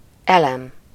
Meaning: 1. battery (a device that produces electricity) 2. chemical element 3. element, component, constituent
- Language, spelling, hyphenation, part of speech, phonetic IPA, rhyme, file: Hungarian, elem, elem, noun, [ˈɛlɛm], -ɛm, Hu-elem.ogg